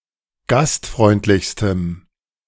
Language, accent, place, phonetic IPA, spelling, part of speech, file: German, Germany, Berlin, [ˈɡastˌfʁɔɪ̯ntlɪçstəm], gastfreundlichstem, adjective, De-gastfreundlichstem.ogg
- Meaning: strong dative masculine/neuter singular superlative degree of gastfreundlich